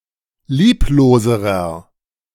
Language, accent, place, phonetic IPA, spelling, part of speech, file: German, Germany, Berlin, [ˈliːploːzəʁɐ], liebloserer, adjective, De-liebloserer.ogg
- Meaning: inflection of lieblos: 1. strong/mixed nominative masculine singular comparative degree 2. strong genitive/dative feminine singular comparative degree 3. strong genitive plural comparative degree